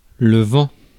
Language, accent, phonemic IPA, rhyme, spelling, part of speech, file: French, France, /vɑ̃/, -ɑ̃, vent, noun, Fr-vent.ogg
- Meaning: 1. wind 2. flatulence 3. empty words, hot air 4. wind instrument